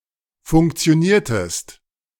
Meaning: inflection of funktionieren: 1. second-person singular preterite 2. second-person singular subjunctive II
- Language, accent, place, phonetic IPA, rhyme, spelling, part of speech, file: German, Germany, Berlin, [fʊŋkt͡si̯oˈniːɐ̯təst], -iːɐ̯təst, funktioniertest, verb, De-funktioniertest.ogg